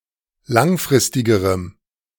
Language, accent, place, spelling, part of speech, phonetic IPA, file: German, Germany, Berlin, langfristigerem, adjective, [ˈlaŋˌfʁɪstɪɡəʁəm], De-langfristigerem.ogg
- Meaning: strong dative masculine/neuter singular comparative degree of langfristig